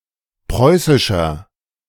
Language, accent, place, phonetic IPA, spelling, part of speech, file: German, Germany, Berlin, [ˈpʁɔɪ̯sɪʃɐ], preußischer, adjective, De-preußischer.ogg
- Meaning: inflection of preußisch: 1. strong/mixed nominative masculine singular 2. strong genitive/dative feminine singular 3. strong genitive plural